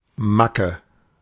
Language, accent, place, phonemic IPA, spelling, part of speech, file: German, Germany, Berlin, /ˈmakə/, Macke, noun, De-Macke.ogg
- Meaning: 1. quirk (odd behaviour of someone) 2. defect, flaw